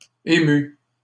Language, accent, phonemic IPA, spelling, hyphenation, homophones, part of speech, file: French, Canada, /e.my/, émus, é‧mus, ému / émue / émues, adjective, LL-Q150 (fra)-émus.wav
- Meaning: masculine plural of ému